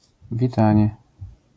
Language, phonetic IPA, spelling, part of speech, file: Polish, [vʲiˈtãɲɛ], witanie, noun, LL-Q809 (pol)-witanie.wav